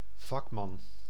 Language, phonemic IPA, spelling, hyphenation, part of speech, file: Dutch, /ˈvɑkmɑn/, vakman, vak‧man, noun, Nl-vakman.ogg
- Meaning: 1. craftsman 2. specialist, expert